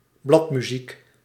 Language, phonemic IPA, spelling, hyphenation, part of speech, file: Dutch, /ˈblɑt.myˌzik/, bladmuziek, blad‧mu‧ziek, noun, Nl-bladmuziek.ogg
- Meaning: sheet music